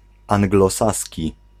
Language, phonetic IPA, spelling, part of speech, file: Polish, [ˌãŋɡlɔˈsasʲci], anglosaski, noun / adjective, Pl-anglosaski.ogg